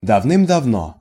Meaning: 1. long ago 2. once upon a time
- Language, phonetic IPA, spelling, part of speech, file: Russian, [dɐvˈnɨm dɐvˈno], давным-давно, adverb, Ru-давным-давно.ogg